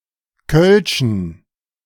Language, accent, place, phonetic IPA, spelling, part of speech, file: German, Germany, Berlin, [kœlʃn̩], kölschen, adjective, De-kölschen.ogg
- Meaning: inflection of kölsch: 1. strong genitive masculine/neuter singular 2. weak/mixed genitive/dative all-gender singular 3. strong/weak/mixed accusative masculine singular 4. strong dative plural